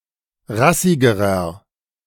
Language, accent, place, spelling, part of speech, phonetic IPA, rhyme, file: German, Germany, Berlin, rassigerer, adjective, [ˈʁasɪɡəʁɐ], -asɪɡəʁɐ, De-rassigerer.ogg
- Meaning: inflection of rassig: 1. strong/mixed nominative masculine singular comparative degree 2. strong genitive/dative feminine singular comparative degree 3. strong genitive plural comparative degree